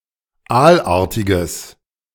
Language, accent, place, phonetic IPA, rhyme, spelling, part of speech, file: German, Germany, Berlin, [ˈaːlˌʔaːɐ̯tɪɡəs], -aːlʔaːɐ̯tɪɡəs, aalartiges, adjective, De-aalartiges.ogg
- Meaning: strong/mixed nominative/accusative neuter singular of aalartig